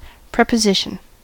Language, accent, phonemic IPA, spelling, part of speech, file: English, US, /ˌpɹɛpəˈzɪʃən/, preposition, noun, En-us-preposition.ogg